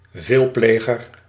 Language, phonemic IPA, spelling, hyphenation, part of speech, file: Dutch, /ˈveːlˌpleː.ɣər/, veelpleger, veel‧ple‧ger, noun, Nl-veelpleger.ogg
- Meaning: habitual offender (someone with many offences on his or her rap sheet)